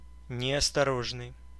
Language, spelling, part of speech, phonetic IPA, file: Russian, неосторожный, adjective, [nʲɪəstɐˈroʐnɨj], Ru-неосторожный.ogg
- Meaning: careless, imprudent, ill-advised, unwary, indiscreet, incautious